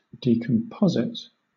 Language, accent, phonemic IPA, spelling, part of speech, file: English, Southern England, /diːˈkɒmpəzɪt/, decomposite, adjective / noun, LL-Q1860 (eng)-decomposite.wav
- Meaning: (adjective) 1. Compounded more than once; compounded with things already composite 2. decompound; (noun) Anything decompounded